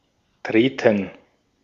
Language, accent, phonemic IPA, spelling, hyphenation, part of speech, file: German, Austria, /ˈtʁeːtɛn/, treten, tre‧ten, verb, De-at-treten.ogg
- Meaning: 1. to step, to walk (a short distance) 2. to appear 3. to come into a state implied by a phrase 4. to step; to tread; to trample 5. to kick 6. to step; to tread